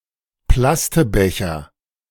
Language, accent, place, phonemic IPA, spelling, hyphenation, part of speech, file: German, Germany, Berlin, /ˈplastəˌbɛçɐ/, Plastebecher, Plas‧te‧be‧cher, noun, De-Plastebecher.ogg
- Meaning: plastic cup